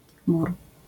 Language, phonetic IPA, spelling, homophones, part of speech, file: Polish, [mur], mur, mór, noun, LL-Q809 (pol)-mur.wav